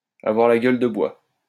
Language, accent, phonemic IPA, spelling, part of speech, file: French, France, /a.vwaʁ la ɡœl də bwa/, avoir la gueule de bois, verb, LL-Q150 (fra)-avoir la gueule de bois.wav
- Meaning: to be hungover